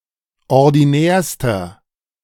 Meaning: inflection of ordinär: 1. strong/mixed nominative masculine singular superlative degree 2. strong genitive/dative feminine singular superlative degree 3. strong genitive plural superlative degree
- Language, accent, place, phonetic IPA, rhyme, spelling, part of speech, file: German, Germany, Berlin, [ɔʁdiˈnɛːɐ̯stɐ], -ɛːɐ̯stɐ, ordinärster, adjective, De-ordinärster.ogg